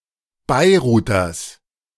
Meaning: genitive of Beiruter
- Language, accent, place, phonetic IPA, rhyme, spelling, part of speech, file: German, Germany, Berlin, [ˌbaɪ̯ˈʁuːtɐs], -uːtɐs, Beiruters, noun, De-Beiruters.ogg